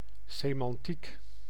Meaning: semantics
- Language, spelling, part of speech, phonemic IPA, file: Dutch, semantiek, noun, /semɑnˈtik/, Nl-semantiek.ogg